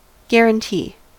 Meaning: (noun) 1. Anything that assures a certain outcome 2. A legal assurance of something, e.g. a security for the fulfillment of an obligation
- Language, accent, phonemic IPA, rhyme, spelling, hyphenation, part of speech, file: English, US, /ˌɡɛɹ.ənˈtiː/, -iː, guarantee, guar‧an‧tee, noun / verb, En-us-guarantee.ogg